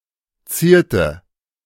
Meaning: inflection of zieren: 1. first/third-person singular preterite 2. first/third-person singular subjunctive II
- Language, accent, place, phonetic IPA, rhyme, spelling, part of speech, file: German, Germany, Berlin, [ˈt͡siːɐ̯tə], -iːɐ̯tə, zierte, verb, De-zierte.ogg